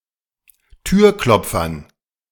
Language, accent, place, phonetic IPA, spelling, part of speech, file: German, Germany, Berlin, [ˈtyːɐ̯ˌklɔp͡fɐn], Türklopfern, noun, De-Türklopfern.ogg
- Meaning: dative plural of Türklopfer